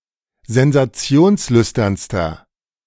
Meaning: inflection of sensationslüstern: 1. strong/mixed nominative masculine singular superlative degree 2. strong genitive/dative feminine singular superlative degree
- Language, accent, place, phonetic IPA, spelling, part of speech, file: German, Germany, Berlin, [zɛnzaˈt͡si̯oːnsˌlʏstɐnstɐ], sensationslüsternster, adjective, De-sensationslüsternster.ogg